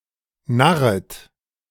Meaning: second-person plural subjunctive I of narren
- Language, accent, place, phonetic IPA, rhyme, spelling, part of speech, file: German, Germany, Berlin, [ˈnaʁət], -aʁət, narret, verb, De-narret.ogg